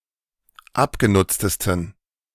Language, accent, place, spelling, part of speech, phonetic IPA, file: German, Germany, Berlin, abgenutztesten, adjective, [ˈapɡeˌnʊt͡stəstn̩], De-abgenutztesten.ogg
- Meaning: 1. superlative degree of abgenutzt 2. inflection of abgenutzt: strong genitive masculine/neuter singular superlative degree